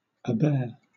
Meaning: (verb) 1. To put up with; to endure; to bear 2. To bear; to carry 3. To behave; to comport oneself; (noun) Bearing, behavior
- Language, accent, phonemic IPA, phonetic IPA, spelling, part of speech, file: English, Southern England, /əˈbɛə/, [əˈbɛː], abear, verb / noun, LL-Q1860 (eng)-abear.wav